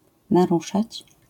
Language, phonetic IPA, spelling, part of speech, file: Polish, [naˈruʃat͡ɕ], naruszać, verb, LL-Q809 (pol)-naruszać.wav